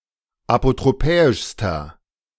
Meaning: inflection of apotropäisch: 1. strong/mixed nominative masculine singular superlative degree 2. strong genitive/dative feminine singular superlative degree 3. strong genitive plural superlative degree
- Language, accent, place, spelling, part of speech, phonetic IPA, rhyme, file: German, Germany, Berlin, apotropäischster, adjective, [apotʁoˈpɛːɪʃstɐ], -ɛːɪʃstɐ, De-apotropäischster.ogg